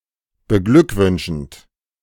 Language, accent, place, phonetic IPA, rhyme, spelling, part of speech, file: German, Germany, Berlin, [bəˈɡlʏkˌvʏnʃn̩t], -ʏkvʏnʃn̩t, beglückwünschend, verb, De-beglückwünschend.ogg
- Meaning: present participle of beglückwünschen